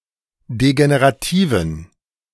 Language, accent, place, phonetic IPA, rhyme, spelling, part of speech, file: German, Germany, Berlin, [deɡeneʁaˈtiːvn̩], -iːvn̩, degenerativen, adjective, De-degenerativen.ogg
- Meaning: inflection of degenerativ: 1. strong genitive masculine/neuter singular 2. weak/mixed genitive/dative all-gender singular 3. strong/weak/mixed accusative masculine singular 4. strong dative plural